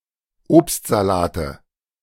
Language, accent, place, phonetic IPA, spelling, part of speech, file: German, Germany, Berlin, [ˈoːpstzaˌlaːtə], Obstsalate, noun, De-Obstsalate.ogg
- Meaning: 1. nominative/accusative/genitive plural of Obstsalat 2. dative singular of Obstsalat